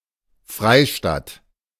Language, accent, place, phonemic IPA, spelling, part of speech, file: German, Germany, Berlin, /ˈfʁaɪ̯ˌʃtat/, Freistadt, noun / proper noun, De-Freistadt.ogg
- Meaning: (noun) 1. free city (of the Holy Roman Empire) 2. city of refuge; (proper noun) a municipality of Upper Austria, Austria